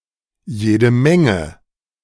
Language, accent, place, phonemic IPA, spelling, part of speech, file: German, Germany, Berlin, /ˌjeːdə ˈmɛŋə/, jede Menge, pronoun, De-jede Menge.ogg
- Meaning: a lot of